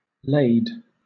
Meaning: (verb) 1. To fill or load (related to cargo or a shipment) 2. To weigh down, oppress, or burden 3. To use a ladle or dipper to remove something (generally water)
- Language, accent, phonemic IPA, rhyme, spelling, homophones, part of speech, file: English, Southern England, /leɪd/, -eɪd, lade, laid, verb / noun, LL-Q1860 (eng)-lade.wav